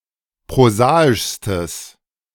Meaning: strong/mixed nominative/accusative neuter singular superlative degree of prosaisch
- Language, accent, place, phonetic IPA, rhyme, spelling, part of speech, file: German, Germany, Berlin, [pʁoˈzaːɪʃstəs], -aːɪʃstəs, prosaischstes, adjective, De-prosaischstes.ogg